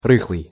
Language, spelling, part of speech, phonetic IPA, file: Russian, рыхлый, adjective, [ˈrɨxɫɨj], Ru-рыхлый.ogg
- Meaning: 1. friable, crumbly, loose 2. flabby, podgy